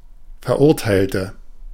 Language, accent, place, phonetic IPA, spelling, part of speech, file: German, Germany, Berlin, [fɛɐ̯ˈʔʊʁtaɪ̯ltə], verurteilte, adjective / verb, De-verurteilte.ogg
- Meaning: inflection of verurteilen: 1. first/third-person singular preterite 2. first/third-person singular subjunctive II